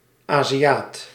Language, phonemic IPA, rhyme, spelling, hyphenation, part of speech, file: Dutch, /ˌaːziˈjaːt/, -aːt, Aziaat, Azi‧aat, noun, Nl-Aziaat.ogg
- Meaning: Asian